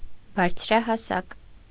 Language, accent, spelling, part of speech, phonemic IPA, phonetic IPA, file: Armenian, Eastern Armenian, բարձրահասակ, adjective, /bɑɾt͡sʰɾɑhɑˈsɑk/, [bɑɾt͡sʰɾɑhɑsɑ́k], Hy-բարձրահասակ.ogg
- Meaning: tall (of a person)